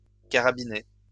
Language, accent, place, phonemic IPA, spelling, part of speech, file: French, France, Lyon, /ka.ʁa.bi.ne/, carabiné, verb / adjective, LL-Q150 (fra)-carabiné.wav
- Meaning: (verb) past participle of carabiner; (adjective) raging, ferocious, violent, excessive